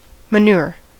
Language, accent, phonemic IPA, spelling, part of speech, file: English, US, /məˈnʊɹ/, manure, verb / noun, En-us-manure.ogg
- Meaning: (verb) 1. To cultivate by manual labor; to till; hence, to develop by culture 2. To apply manure (as fertilizer or soil improver)